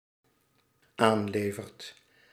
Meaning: second/third-person singular dependent-clause present indicative of aanleveren
- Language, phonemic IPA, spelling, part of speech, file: Dutch, /ˈanlevərt/, aanlevert, verb, Nl-aanlevert.ogg